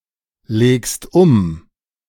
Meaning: second-person singular present of umlegen
- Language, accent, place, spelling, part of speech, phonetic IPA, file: German, Germany, Berlin, legst um, verb, [ˌleːkst ˈʊm], De-legst um.ogg